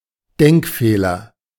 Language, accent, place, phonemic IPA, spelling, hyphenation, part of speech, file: German, Germany, Berlin, /ˈdɛŋkˌfeːlɐ/, Denkfehler, Denk‧feh‧ler, noun, De-Denkfehler.ogg
- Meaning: 1. faulty reasoning 2. logical fallacy